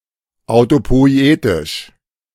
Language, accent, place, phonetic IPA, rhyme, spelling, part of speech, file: German, Germany, Berlin, [aʊ̯topɔɪ̯ˈeːtɪʃ], -eːtɪʃ, autopoietisch, adjective, De-autopoietisch.ogg
- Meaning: autopoietic